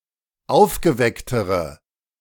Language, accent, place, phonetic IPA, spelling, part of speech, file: German, Germany, Berlin, [ˈaʊ̯fɡəˌvɛktəʁə], aufgewecktere, adjective, De-aufgewecktere.ogg
- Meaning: inflection of aufgeweckt: 1. strong/mixed nominative/accusative feminine singular comparative degree 2. strong nominative/accusative plural comparative degree